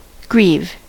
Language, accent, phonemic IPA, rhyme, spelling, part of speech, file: English, US, /ɡɹiːv/, -iːv, grieve, verb / noun, En-us-grieve.ogg
- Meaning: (verb) 1. To cause sorrow or distress to 2. To feel very sad about; to mourn; to sorrow for 3. To experience grief 4. To harm 5. To submit or file a grievance (about)